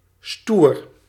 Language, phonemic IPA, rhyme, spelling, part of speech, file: Dutch, /stuːr/, -uːr, stoer, adjective / interjection, Nl-stoer.ogg
- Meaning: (adjective) 1. firm, robust, sturdy, butch 2. tough, cool; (interjection) cool, nice